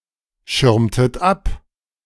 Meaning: inflection of abschirmen: 1. second-person plural preterite 2. second-person plural subjunctive II
- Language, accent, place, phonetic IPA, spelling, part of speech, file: German, Germany, Berlin, [ˌʃɪʁmtət ˈap], schirmtet ab, verb, De-schirmtet ab.ogg